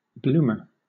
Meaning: 1. An ironworker 2. A large or embarrassing mistake; blunder 3. A circular loaf of white bread 4. A blooming flower 5. One who blooms, matures, or develops
- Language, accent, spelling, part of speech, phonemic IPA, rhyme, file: English, Southern England, bloomer, noun, /ˈbluː.mə(ɹ)/, -uːmə(ɹ), LL-Q1860 (eng)-bloomer.wav